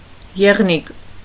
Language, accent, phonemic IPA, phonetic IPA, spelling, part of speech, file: Armenian, Eastern Armenian, /jeʁˈnik/, [jeʁník], եղնիկ, noun, Hy-եղնիկ.ogg
- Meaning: 1. doe (female deer) 2. beautiful girl with slender body